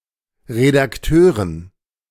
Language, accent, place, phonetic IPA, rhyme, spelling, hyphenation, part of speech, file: German, Germany, Berlin, [ʁedakˈtøːʁən], -øːʁən, Redakteuren, Re‧dak‧teu‧ren, noun, De-Redakteuren.ogg
- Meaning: dative plural of Redakteur